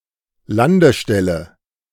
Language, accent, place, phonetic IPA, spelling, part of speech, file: German, Germany, Berlin, [ˈlandəˌʃtɛlə], Landestelle, noun, De-Landestelle.ogg
- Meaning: landing strip